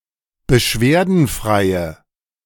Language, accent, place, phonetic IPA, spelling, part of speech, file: German, Germany, Berlin, [bəˈʃveːɐ̯dn̩ˌfʁaɪ̯ə], beschwerdenfreie, adjective, De-beschwerdenfreie.ogg
- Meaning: inflection of beschwerdenfrei: 1. strong/mixed nominative/accusative feminine singular 2. strong nominative/accusative plural 3. weak nominative all-gender singular